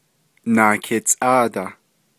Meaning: twelve
- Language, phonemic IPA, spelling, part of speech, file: Navajo, /nɑ̀ːkɪ̀t͡sʼɑ̂ːtɑ̀h/, naakitsʼáadah, numeral, Nv-naakitsʼáadah.ogg